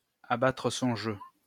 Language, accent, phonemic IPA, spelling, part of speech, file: French, France, /a.ba.tʁə sɔ̃ ʒø/, abattre son jeu, verb, LL-Q150 (fra)-abattre son jeu.wav
- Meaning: 1. to show one's hand, to show one's cards, to put one's cards on the table 2. to show one's cards (to reveal one's intentions)